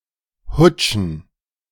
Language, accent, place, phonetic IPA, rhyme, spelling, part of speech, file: German, Germany, Berlin, [ˈhʊt͡ʃn̩], -ʊt͡ʃn̩, hutschen, verb, De-hutschen.ogg
- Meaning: to swing, to rock